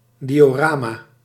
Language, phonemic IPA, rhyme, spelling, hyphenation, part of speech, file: Dutch, /ˌdi.oːˈraː.maː/, -aːmaː, diorama, di‧o‧ra‧ma, noun, Nl-diorama.ogg
- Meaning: a diorama (three-dimensional display of a setting or scenery)